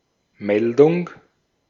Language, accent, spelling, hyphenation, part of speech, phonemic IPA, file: German, Austria, Meldung, Mel‧dung, noun, /ˈmɛldʊŋ/, De-at-Meldung.ogg
- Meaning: 1. report, notification 2. report, news item 3. a volunteering, an answer (to an advertisement etc.) 4. the act of putting up one's hand (e.g. in school)